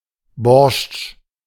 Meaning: borscht (beetroot soup)
- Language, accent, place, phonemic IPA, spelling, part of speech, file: German, Germany, Berlin, /bɔʁʃt͡ʃ/, Borschtsch, noun, De-Borschtsch.ogg